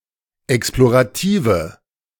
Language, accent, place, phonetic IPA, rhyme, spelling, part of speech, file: German, Germany, Berlin, [ˌɛksploʁaˈtiːvə], -iːvə, explorative, adjective, De-explorative.ogg
- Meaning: inflection of explorativ: 1. strong/mixed nominative/accusative feminine singular 2. strong nominative/accusative plural 3. weak nominative all-gender singular